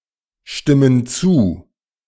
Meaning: inflection of zustimmen: 1. first/third-person plural present 2. first/third-person plural subjunctive I
- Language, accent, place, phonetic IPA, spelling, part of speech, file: German, Germany, Berlin, [ˌʃtɪmən ˈt͡suː], stimmen zu, verb, De-stimmen zu.ogg